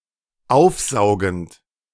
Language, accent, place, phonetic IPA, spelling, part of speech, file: German, Germany, Berlin, [ˈaʊ̯fˌzaʊ̯ɡn̩t], aufsaugend, verb, De-aufsaugend.ogg
- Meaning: present participle of aufsaugen